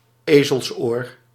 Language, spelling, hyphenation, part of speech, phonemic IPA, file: Dutch, ezelsoor, ezels‧oor, noun, /ˈeː.zəlsˌoːr/, Nl-ezelsoor.ogg
- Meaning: 1. donkey's ear 2. dog-ear (on a page)